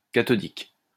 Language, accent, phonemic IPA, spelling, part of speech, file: French, France, /ka.tɔ.dik/, cathodique, adjective, LL-Q150 (fra)-cathodique.wav
- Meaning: 1. cathodic 2. adjectival form of tube cathodique (CRT)